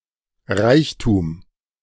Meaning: 1. wealth, richness 2. riches 3. affluence, abundance, treasure 4. variety
- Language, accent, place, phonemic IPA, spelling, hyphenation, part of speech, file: German, Germany, Berlin, /ˈʁaɪ̯çtuːm/, Reichtum, Reich‧tum, noun, De-Reichtum.ogg